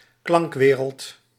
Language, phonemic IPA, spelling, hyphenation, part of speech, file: Dutch, /ˈklɑŋkˌʋeː.rəlt/, klankwereld, klank‧we‧reld, noun, Nl-klankwereld.ogg
- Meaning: soundscape, sound palette